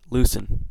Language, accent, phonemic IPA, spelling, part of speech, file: English, US, /ˈlusən/, loosen, verb, En-us-loosen.ogg
- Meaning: 1. To make loose 2. To become loose 3. To disengage (a device that restrains) 4. To become unfastened or undone 5. To free from restraint; to set at liberty